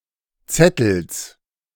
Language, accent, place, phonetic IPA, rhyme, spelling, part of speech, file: German, Germany, Berlin, [ˈt͡sɛtl̩s], -ɛtl̩s, Zettels, noun, De-Zettels.ogg
- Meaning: genitive singular of Zettel